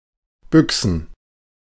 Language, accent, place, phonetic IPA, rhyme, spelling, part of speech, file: German, Germany, Berlin, [ˈbʏksn̩], -ʏksn̩, Büchsen, noun, De-Büchsen.ogg
- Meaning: plural of Büchse